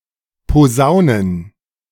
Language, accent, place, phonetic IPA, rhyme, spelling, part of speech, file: German, Germany, Berlin, [poˈzaʊ̯nən], -aʊ̯nən, Posaunen, noun, De-Posaunen.ogg
- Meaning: plural of Posaune